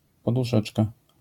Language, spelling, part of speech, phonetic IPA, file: Polish, poduszeczka, noun, [ˌpɔduˈʃɛt͡ʃka], LL-Q809 (pol)-poduszeczka.wav